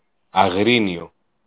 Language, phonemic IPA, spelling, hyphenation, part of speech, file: Greek, /aˈɣrinio/, Αγρίνιο, Α‧γρί‧νι‧ο, proper noun, El-Αγρίνιο.ogg
- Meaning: Agrinio (a city in Greece)